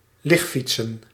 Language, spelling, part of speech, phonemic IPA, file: Dutch, ligfietsen, verb / noun, /ˈlɪxfitsən/, Nl-ligfietsen.ogg
- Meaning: plural of ligfiets